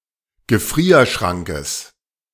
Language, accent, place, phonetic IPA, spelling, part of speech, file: German, Germany, Berlin, [ɡəˈfʁiːɐ̯ˌʃʁaŋkəs], Gefrierschrankes, noun, De-Gefrierschrankes.ogg
- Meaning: genitive singular of Gefrierschrank